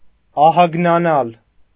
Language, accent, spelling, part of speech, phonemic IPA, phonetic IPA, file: Armenian, Eastern Armenian, ահագնանալ, verb, /ɑhɑɡnɑˈnɑl/, [ɑhɑɡnɑnɑ́l], Hy-ահագնանալ.ogg
- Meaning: to grow, to increase